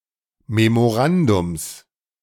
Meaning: genitive singular of Memorandum
- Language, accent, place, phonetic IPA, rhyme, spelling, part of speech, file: German, Germany, Berlin, [memoˈʁandʊms], -andʊms, Memorandums, noun, De-Memorandums.ogg